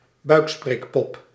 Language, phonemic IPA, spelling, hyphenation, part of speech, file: Dutch, /ˈbœy̯k.spreːkˌpɔp/, buikspreekpop, buik‧spreek‧pop, noun, Nl-buikspreekpop.ogg
- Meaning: a ventriloquist's dummy